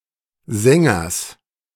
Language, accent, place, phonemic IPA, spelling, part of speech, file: German, Germany, Berlin, /ˈzɛŋɐs/, Sängers, noun, De-Sängers.ogg
- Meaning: genitive singular of Sänger